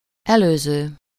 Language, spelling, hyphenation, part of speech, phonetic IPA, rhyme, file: Hungarian, előző, elő‧ző, verb / adjective, [ˈɛløːzøː], -zøː, Hu-előző.ogg
- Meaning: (verb) present participle of előz; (adjective) previous, preceding